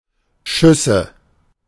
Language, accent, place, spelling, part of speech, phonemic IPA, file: German, Germany, Berlin, Schüsse, noun, /ˈʃʏsə/, De-Schüsse.ogg
- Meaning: nominative/accusative/genitive plural of Schuss